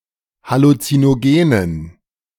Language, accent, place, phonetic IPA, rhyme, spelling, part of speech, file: German, Germany, Berlin, [halut͡sinoˈɡeːnən], -eːnən, halluzinogenen, adjective, De-halluzinogenen.ogg
- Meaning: inflection of halluzinogen: 1. strong genitive masculine/neuter singular 2. weak/mixed genitive/dative all-gender singular 3. strong/weak/mixed accusative masculine singular 4. strong dative plural